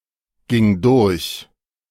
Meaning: first/third-person singular preterite of durchgehen
- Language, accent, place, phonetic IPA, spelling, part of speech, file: German, Germany, Berlin, [ˌɡɪŋ ˈdʊʁç], ging durch, verb, De-ging durch.ogg